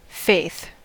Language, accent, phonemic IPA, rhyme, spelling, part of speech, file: English, US, /feɪθ/, -eɪθ, faith, noun / adverb / interjection, En-us-faith.ogg
- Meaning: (noun) A trust or confidence in the intentions or abilities of a person, object, or ideal from prior empirical evidence